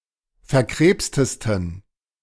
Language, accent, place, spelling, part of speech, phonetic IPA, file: German, Germany, Berlin, verkrebstesten, adjective, [fɛɐ̯ˈkʁeːpstəstn̩], De-verkrebstesten.ogg
- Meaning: 1. superlative degree of verkrebst 2. inflection of verkrebst: strong genitive masculine/neuter singular superlative degree